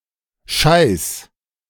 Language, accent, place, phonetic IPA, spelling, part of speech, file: German, Germany, Berlin, [ʃaɪ̯s], scheiß-, prefix, De-scheiß-.ogg
- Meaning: Intensifies nouns and adjectives